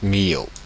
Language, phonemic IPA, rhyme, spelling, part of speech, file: French, /mi.jo/, -jo, Millau, proper noun, Fr-Millau.oga
- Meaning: a French commune